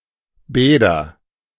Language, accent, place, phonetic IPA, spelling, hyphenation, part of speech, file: German, Germany, Berlin, [ˈbɛːdɐ], Bäder, Bä‧der, noun, De-Bäder.ogg
- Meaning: nominative/accusative/genitive plural of Bad